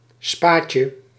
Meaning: diminutive of spa
- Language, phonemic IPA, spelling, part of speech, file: Dutch, /ˈspacə/, spaatje, noun, Nl-spaatje.ogg